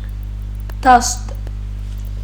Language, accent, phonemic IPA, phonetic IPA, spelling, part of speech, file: Armenian, Western Armenian, /tɑʃd/, [tʰɑʃt], դաշտ, noun, HyW-դաշտ.ogg
- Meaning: 1. field 2. playing field, sports ground 3. field, sphere